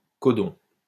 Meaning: codon
- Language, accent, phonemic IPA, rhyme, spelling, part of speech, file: French, France, /kɔ.dɔ̃/, -ɔ̃, codon, noun, LL-Q150 (fra)-codon.wav